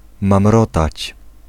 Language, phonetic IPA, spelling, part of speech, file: Polish, [mãmˈrɔtat͡ɕ], mamrotać, verb, Pl-mamrotać.ogg